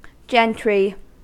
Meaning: 1. Birth; condition; rank by birth 2. Courtesy; civility; complaisance 3. People of education and good breeding 4. In a restricted sense, those people between the nobility and the yeomanry
- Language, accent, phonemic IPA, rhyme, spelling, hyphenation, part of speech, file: English, US, /ˈd͡ʒɛntɹi/, -ɛntɹi, gentry, gen‧try, noun, En-us-gentry.ogg